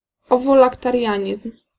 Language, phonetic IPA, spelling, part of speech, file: Polish, [ˌɔvɔlaktarʲˈjä̃ɲism̥], owolaktarianizm, noun, Pl-owolaktarianizm.ogg